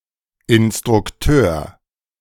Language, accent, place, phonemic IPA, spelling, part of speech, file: German, Germany, Berlin, /ɪn.stʁʊkˈtøːɐ̯/, Instrukteur, noun, De-Instrukteur.ogg
- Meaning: instructor